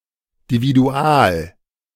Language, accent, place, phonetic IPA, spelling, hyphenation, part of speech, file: German, Germany, Berlin, [diviˈdu̯aːl], dividual, di‧vi‧du‧al, adjective, De-dividual.ogg
- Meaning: dividual